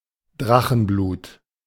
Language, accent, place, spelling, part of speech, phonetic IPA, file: German, Germany, Berlin, Drachenblut, noun, [ˈdʁaxn̩ˌbluːt], De-Drachenblut.ogg
- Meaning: 1. dragon's blood (color and resin) 2. A kind of alcoholic beverage